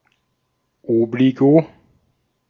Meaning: liability, encumbrance
- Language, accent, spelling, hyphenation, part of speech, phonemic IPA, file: German, Austria, Obligo, Ob‧li‧go, noun, /ˈoːbliɡo/, De-at-Obligo.ogg